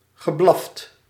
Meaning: past participle of blaffen
- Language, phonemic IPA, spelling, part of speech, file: Dutch, /ɣəˈblɑft/, geblaft, verb, Nl-geblaft.ogg